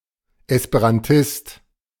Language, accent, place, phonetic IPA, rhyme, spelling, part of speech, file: German, Germany, Berlin, [ɛspeʁanˈtɪst], -ɪst, Esperantist, noun, De-Esperantist.ogg
- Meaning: Esperantist (male or of unspecified gender)